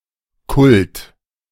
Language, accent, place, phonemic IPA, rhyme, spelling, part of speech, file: German, Germany, Berlin, /kʊlt/, -ʊlt, Kult, noun, De-Kult.ogg
- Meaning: 1. cult (religious ritual) 2. something iconic, emblematic, famous, that has a cult following